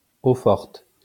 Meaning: 1. aqua fortis 2. etching
- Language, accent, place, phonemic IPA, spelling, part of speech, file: French, France, Lyon, /o.fɔʁt/, eau-forte, noun, LL-Q150 (fra)-eau-forte.wav